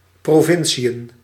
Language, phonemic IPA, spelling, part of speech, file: Dutch, /proːˈvɪnsiən/, provinciën, noun, Nl-provinciën.ogg
- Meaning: plural of provincie